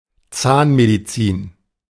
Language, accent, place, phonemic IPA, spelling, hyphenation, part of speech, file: German, Germany, Berlin, /ˈt͡saːnmediˌt͡siːn/, Zahnmedizin, Zahn‧me‧di‧zin, noun, De-Zahnmedizin.ogg
- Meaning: dentistry